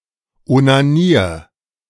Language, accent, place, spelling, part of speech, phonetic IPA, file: German, Germany, Berlin, onanier, verb, [ʔonaˈniːɐ̯], De-onanier.ogg
- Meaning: 1. singular imperative of onanieren 2. first-person singular present of onanieren